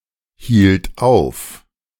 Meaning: first/third-person singular preterite of aufhalten
- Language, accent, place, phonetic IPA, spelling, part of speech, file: German, Germany, Berlin, [ˌhiːlt ˈaʊ̯f], hielt auf, verb, De-hielt auf.ogg